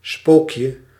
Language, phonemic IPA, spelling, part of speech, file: Dutch, /ˈspokjə/, spookje, noun, Nl-spookje.ogg
- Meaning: diminutive of spook